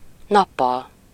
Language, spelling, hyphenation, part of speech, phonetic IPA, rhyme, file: Hungarian, nappal, nap‧pal, adverb / noun, [ˈnɒpːɒl], -ɒl, Hu-nappal.ogg
- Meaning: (adverb) during the day, in the daytime; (noun) 1. daytime (bright part of the day) 2. instrumental singular of nap